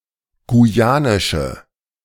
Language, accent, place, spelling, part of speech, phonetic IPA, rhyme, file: German, Germany, Berlin, guyanische, adjective, [ɡuˈjaːnɪʃə], -aːnɪʃə, De-guyanische.ogg
- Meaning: inflection of guyanisch: 1. strong/mixed nominative/accusative feminine singular 2. strong nominative/accusative plural 3. weak nominative all-gender singular